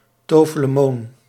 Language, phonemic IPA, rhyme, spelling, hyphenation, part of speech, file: Dutch, /ˌtoː.fə.ləˈmoːn/, -oːn, tofelemoon, to‧fe‧le‧moon, noun / adjective, Nl-tofelemoon.ogg
- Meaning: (noun) Roman Catholic